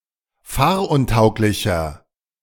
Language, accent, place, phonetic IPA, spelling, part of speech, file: German, Germany, Berlin, [ˈfaːɐ̯ʔʊnˌtaʊ̯klɪçɐ], fahruntauglicher, adjective, De-fahruntauglicher.ogg
- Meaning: 1. comparative degree of fahruntauglich 2. inflection of fahruntauglich: strong/mixed nominative masculine singular 3. inflection of fahruntauglich: strong genitive/dative feminine singular